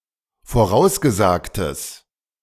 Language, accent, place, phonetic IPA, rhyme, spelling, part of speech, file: German, Germany, Berlin, [foˈʁaʊ̯sɡəˌzaːktəs], -aʊ̯sɡəzaːktəs, vorausgesagtes, adjective, De-vorausgesagtes.ogg
- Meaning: strong/mixed nominative/accusative neuter singular of vorausgesagt